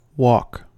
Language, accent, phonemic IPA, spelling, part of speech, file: English, US, /wɑk/, wok, noun / verb, En-us-wok.ogg
- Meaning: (noun) 1. A large, round-bottomed cooking pan used in East Asian cooking 2. Any dish prepared using such a pan; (verb) To prepare oriental cuisine using a wok